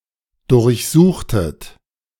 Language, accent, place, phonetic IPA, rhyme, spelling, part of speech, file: German, Germany, Berlin, [dʊʁçˈzuːxtət], -uːxtət, durchsuchtet, verb, De-durchsuchtet.ogg
- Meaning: inflection of durchsuchen: 1. second-person plural preterite 2. second-person plural subjunctive II